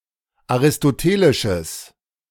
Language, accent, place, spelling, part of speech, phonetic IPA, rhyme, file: German, Germany, Berlin, aristotelisches, adjective, [aʁɪstoˈteːlɪʃəs], -eːlɪʃəs, De-aristotelisches.ogg
- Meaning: strong/mixed nominative/accusative neuter singular of aristotelisch